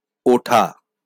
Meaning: to rise, to get up; to climb; to ascend
- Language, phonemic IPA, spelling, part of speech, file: Bengali, /ˈoʈʰa/, ওঠা, verb, LL-Q9610 (ben)-ওঠা.wav